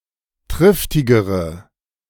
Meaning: inflection of triftig: 1. strong/mixed nominative/accusative feminine singular comparative degree 2. strong nominative/accusative plural comparative degree
- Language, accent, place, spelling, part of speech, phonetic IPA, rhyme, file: German, Germany, Berlin, triftigere, adjective, [ˈtʁɪftɪɡəʁə], -ɪftɪɡəʁə, De-triftigere.ogg